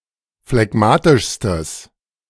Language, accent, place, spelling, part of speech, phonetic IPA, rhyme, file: German, Germany, Berlin, phlegmatischstes, adjective, [flɛˈɡmaːtɪʃstəs], -aːtɪʃstəs, De-phlegmatischstes.ogg
- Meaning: strong/mixed nominative/accusative neuter singular superlative degree of phlegmatisch